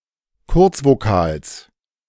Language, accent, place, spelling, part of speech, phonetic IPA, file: German, Germany, Berlin, Kurzvokals, noun, [ˈkʊʁt͡svoˌkaːls], De-Kurzvokals.ogg
- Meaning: genitive singular of Kurzvokal